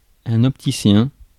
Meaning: optician, optometrist
- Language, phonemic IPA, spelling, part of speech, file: French, /ɔp.ti.sjɛ̃/, opticien, noun, Fr-opticien.ogg